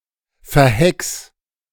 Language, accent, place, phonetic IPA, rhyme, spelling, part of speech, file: German, Germany, Berlin, [fɛɐ̯ˈhɛks], -ɛks, verhex, verb, De-verhex.ogg
- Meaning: 1. singular imperative of verhexen 2. first-person singular present of verhexen